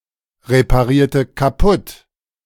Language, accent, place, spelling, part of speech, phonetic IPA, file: German, Germany, Berlin, reparierte kaputt, verb, [ʁepaˌʁiːɐ̯tə kaˈpʊt], De-reparierte kaputt.ogg
- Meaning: inflection of kaputtreparieren: 1. first/third-person singular preterite 2. first/third-person singular subjunctive II